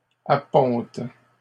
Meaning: third-person plural present indicative/subjunctive of apponter
- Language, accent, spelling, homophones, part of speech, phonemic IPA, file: French, Canada, appontent, apponte / appontes, verb, /a.pɔ̃t/, LL-Q150 (fra)-appontent.wav